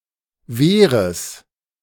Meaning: genitive of Wehr
- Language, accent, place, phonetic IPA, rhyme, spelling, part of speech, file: German, Germany, Berlin, [ˈveːʁəs], -eːʁəs, Wehres, noun, De-Wehres.ogg